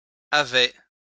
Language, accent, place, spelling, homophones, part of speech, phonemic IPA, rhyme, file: French, France, Lyon, avais, havais / havait / havaient, verb, /a.vɛ/, -ɛ, LL-Q150 (fra)-avais.wav
- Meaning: first/second-person singular imperfect indicative of avoir